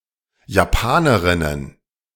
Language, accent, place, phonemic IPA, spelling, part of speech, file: German, Germany, Berlin, /jaˈpaːnəʁɪnən/, Japanerinnen, noun, De-Japanerinnen.ogg
- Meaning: plural of Japanerin